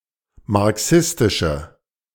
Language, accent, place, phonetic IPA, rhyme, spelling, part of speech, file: German, Germany, Berlin, [maʁˈksɪstɪʃə], -ɪstɪʃə, marxistische, adjective, De-marxistische.ogg
- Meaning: inflection of marxistisch: 1. strong/mixed nominative/accusative feminine singular 2. strong nominative/accusative plural 3. weak nominative all-gender singular